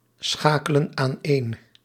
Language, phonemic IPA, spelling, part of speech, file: Dutch, /ˈsxakələ(n) anˈen/, schakelen aaneen, verb, Nl-schakelen aaneen.ogg
- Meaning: inflection of aaneenschakelen: 1. plural present indicative 2. plural present subjunctive